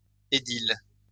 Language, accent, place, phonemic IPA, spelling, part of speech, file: French, France, Lyon, /e.dil/, édile, noun, LL-Q150 (fra)-édile.wav
- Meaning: 1. aedile (elected official) 2. city magistrate or councillor